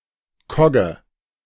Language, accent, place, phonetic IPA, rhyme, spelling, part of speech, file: German, Germany, Berlin, [ˈkɔɡə], -ɔɡə, Kogge, noun, De-Kogge.ogg
- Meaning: cog (a ship of the Hanse)